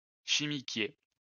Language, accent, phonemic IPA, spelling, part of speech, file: French, France, /ʃi.mi.kje/, chimiquier, noun, LL-Q150 (fra)-chimiquier.wav
- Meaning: chemical tanker